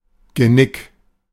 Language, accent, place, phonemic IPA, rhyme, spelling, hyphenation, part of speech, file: German, Germany, Berlin, /ɡəˈnɪk/, -ɪk, Genick, Ge‧nick, noun, De-Genick.ogg
- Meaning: 1. nape of the neck 2. the joint portion of the neck which joins the vertebrae (which has no regularly used English name)